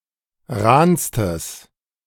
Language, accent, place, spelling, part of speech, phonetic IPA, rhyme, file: German, Germany, Berlin, rahnstes, adjective, [ˈʁaːnstəs], -aːnstəs, De-rahnstes.ogg
- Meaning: strong/mixed nominative/accusative neuter singular superlative degree of rahn